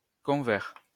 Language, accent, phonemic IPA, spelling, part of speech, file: French, France, /kɔ̃.vɛʁ/, convers, adjective, LL-Q150 (fra)-convers.wav
- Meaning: 1. lay (not of the clergy) 2. converse